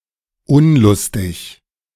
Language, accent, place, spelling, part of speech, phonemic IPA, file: German, Germany, Berlin, unlustig, adjective, /ˈʊnlʊstɪç/, De-unlustig.ogg
- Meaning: 1. reluctant, disinclined 2. joyless, lustless 3. unfunny